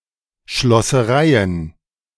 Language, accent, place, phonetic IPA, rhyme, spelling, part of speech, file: German, Germany, Berlin, [ʃlɔsəˈʁaɪ̯ən], -aɪ̯ən, Schlossereien, noun, De-Schlossereien.ogg
- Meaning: plural of Schlosserei